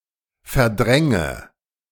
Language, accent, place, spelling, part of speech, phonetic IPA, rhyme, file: German, Germany, Berlin, verdränge, verb, [fɛɐ̯ˈdʁɛŋə], -ɛŋə, De-verdränge.ogg
- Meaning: inflection of verdrängen: 1. first-person singular present 2. first/third-person singular subjunctive I 3. singular imperative